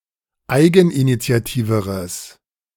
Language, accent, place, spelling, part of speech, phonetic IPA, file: German, Germany, Berlin, eigeninitiativeres, adjective, [ˈaɪ̯ɡn̩ʔinit͡si̯aˌtiːvəʁəs], De-eigeninitiativeres.ogg
- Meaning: strong/mixed nominative/accusative neuter singular comparative degree of eigeninitiativ